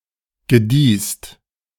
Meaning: second-person singular preterite of gedeihen
- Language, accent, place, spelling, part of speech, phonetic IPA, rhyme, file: German, Germany, Berlin, gediehst, verb, [ɡəˈdiːst], -iːst, De-gediehst.ogg